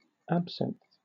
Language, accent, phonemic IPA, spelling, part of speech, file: English, Southern England, /ˈæb.sɪnθ/, absinth, noun, LL-Q1860 (eng)-absinth.wav
- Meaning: Alternative form of absinthe